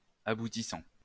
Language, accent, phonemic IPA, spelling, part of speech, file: French, France, /a.bu.ti.sɑ̃/, aboutissant, verb / noun, LL-Q150 (fra)-aboutissant.wav
- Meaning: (verb) present participle of aboutir; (noun) outcome